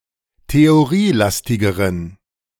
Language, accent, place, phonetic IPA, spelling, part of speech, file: German, Germany, Berlin, [teoˈʁiːˌlastɪɡəʁən], theorielastigeren, adjective, De-theorielastigeren.ogg
- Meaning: inflection of theorielastig: 1. strong genitive masculine/neuter singular comparative degree 2. weak/mixed genitive/dative all-gender singular comparative degree